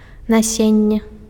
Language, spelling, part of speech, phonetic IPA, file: Belarusian, насенне, noun, [naˈsʲenʲːe], Be-насенне.ogg
- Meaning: seed